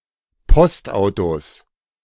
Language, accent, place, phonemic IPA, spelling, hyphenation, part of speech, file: German, Germany, Berlin, /ˈpɔstˌaʊ̯tos/, Postautos, Post‧au‧tos, noun, De-Postautos.ogg
- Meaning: 1. plural of Postauto 2. genitive singular of Postauto